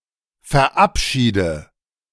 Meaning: inflection of verabschieden: 1. first-person singular present 2. first/third-person singular subjunctive I 3. singular imperative
- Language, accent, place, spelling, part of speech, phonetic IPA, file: German, Germany, Berlin, verabschiede, verb, [fɛɐ̯ˈʔapˌʃiːdə], De-verabschiede.ogg